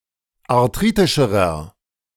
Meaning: inflection of arthritisch: 1. strong/mixed nominative masculine singular comparative degree 2. strong genitive/dative feminine singular comparative degree 3. strong genitive plural comparative degree
- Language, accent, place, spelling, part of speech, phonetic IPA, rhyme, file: German, Germany, Berlin, arthritischerer, adjective, [aʁˈtʁiːtɪʃəʁɐ], -iːtɪʃəʁɐ, De-arthritischerer.ogg